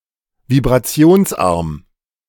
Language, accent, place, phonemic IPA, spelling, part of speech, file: German, Germany, Berlin, /vibʁaˈt͡si̯oːnsˌʔaʁm/, vibrationsarm, adjective, De-vibrationsarm.ogg
- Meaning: low-vibration